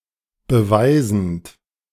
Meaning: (verb) present participle of beweisen; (adjective) proving
- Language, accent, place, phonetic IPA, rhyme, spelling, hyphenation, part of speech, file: German, Germany, Berlin, [bəˈvaɪ̯zn̩t], -aɪ̯zn̩t, beweisend, be‧wei‧send, verb, De-beweisend.ogg